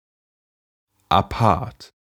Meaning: 1. unusual and distinctive in an appealing way; featuring an exciting mixture of traits or influences 2. apart, separate
- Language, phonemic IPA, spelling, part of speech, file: German, /aˈpaʁt/, apart, adjective, De-apart.ogg